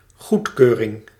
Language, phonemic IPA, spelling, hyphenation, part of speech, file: Dutch, /ˈɣutˌkøː.rɪŋ/, goedkeuring, goed‧keu‧ring, noun, Nl-goedkeuring.ogg
- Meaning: approval